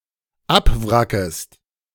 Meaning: second-person singular dependent subjunctive I of abwracken
- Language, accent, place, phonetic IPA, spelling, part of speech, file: German, Germany, Berlin, [ˈapˌvʁakəst], abwrackest, verb, De-abwrackest.ogg